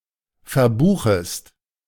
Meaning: second-person singular subjunctive I of verbuchen
- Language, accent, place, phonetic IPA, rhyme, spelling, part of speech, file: German, Germany, Berlin, [fɛɐ̯ˈbuːxəst], -uːxəst, verbuchest, verb, De-verbuchest.ogg